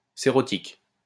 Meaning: cerotic
- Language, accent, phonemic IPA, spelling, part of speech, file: French, France, /se.ʁɔ.tik/, cérotique, adjective, LL-Q150 (fra)-cérotique.wav